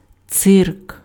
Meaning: 1. circus (in ancient Rome) 2. circus (traveling company of performers) 3. cirque (curved depression in a mountainside)
- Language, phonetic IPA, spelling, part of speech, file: Ukrainian, [t͡sɪrk], цирк, noun, Uk-цирк.ogg